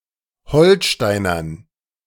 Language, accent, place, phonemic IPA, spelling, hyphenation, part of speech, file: German, Germany, Berlin, /ˈhɔlˌʃtaɪ̯nɐn/, Holsteinern, Hol‧stei‧nern, noun, De-Holsteinern.ogg
- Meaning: dative plural of Holsteiner